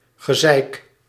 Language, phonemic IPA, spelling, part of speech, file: Dutch, /ɣə.ˈzɛi̯k/, gezeik, noun, Nl-gezeik.ogg
- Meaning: nagging, whining, bullshit